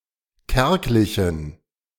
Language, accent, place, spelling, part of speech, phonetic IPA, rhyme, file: German, Germany, Berlin, kärglichen, adjective, [ˈkɛʁklɪçn̩], -ɛʁklɪçn̩, De-kärglichen.ogg
- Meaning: inflection of kärglich: 1. strong genitive masculine/neuter singular 2. weak/mixed genitive/dative all-gender singular 3. strong/weak/mixed accusative masculine singular 4. strong dative plural